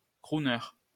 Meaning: crooner
- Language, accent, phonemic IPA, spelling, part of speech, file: French, France, /kʁu.nœʁ/, crooner, noun, LL-Q150 (fra)-crooner.wav